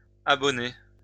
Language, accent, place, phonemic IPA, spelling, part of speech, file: French, France, Lyon, /a.bɔ.ne/, abonnées, noun / adjective / verb, LL-Q150 (fra)-abonnées.wav
- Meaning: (noun) feminine plural of abonné